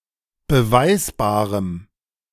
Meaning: strong dative masculine/neuter singular of beweisbar
- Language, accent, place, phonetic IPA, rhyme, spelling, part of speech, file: German, Germany, Berlin, [bəˈvaɪ̯sbaːʁəm], -aɪ̯sbaːʁəm, beweisbarem, adjective, De-beweisbarem.ogg